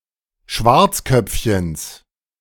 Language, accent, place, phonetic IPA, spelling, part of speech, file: German, Germany, Berlin, [ˈʃvaʁt͡sˌkœp͡fçəns], Schwarzköpfchens, noun, De-Schwarzköpfchens.ogg
- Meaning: genitive singular of Schwarzköpfchen